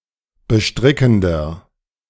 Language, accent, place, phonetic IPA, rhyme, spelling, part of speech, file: German, Germany, Berlin, [bəˈʃtʁɪkn̩dɐ], -ɪkn̩dɐ, bestrickender, adjective, De-bestrickender.ogg
- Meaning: 1. comparative degree of bestrickend 2. inflection of bestrickend: strong/mixed nominative masculine singular 3. inflection of bestrickend: strong genitive/dative feminine singular